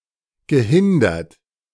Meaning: past participle of hindern
- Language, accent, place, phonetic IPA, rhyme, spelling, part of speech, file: German, Germany, Berlin, [ɡəˈhɪndɐt], -ɪndɐt, gehindert, verb, De-gehindert.ogg